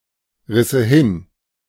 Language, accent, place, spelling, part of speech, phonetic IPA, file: German, Germany, Berlin, risse hin, verb, [ˌʁɪsə ˈhɪn], De-risse hin.ogg
- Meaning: first/third-person singular subjunctive II of hinreißen